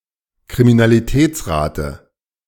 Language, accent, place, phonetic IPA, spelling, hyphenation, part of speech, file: German, Germany, Berlin, [kʁiminaliˈtɛːt͡sˌʁaːtə], Kriminalitätsrate, Kri‧mi‧na‧li‧täts‧ra‧te, noun, De-Kriminalitätsrate.ogg
- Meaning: crime rate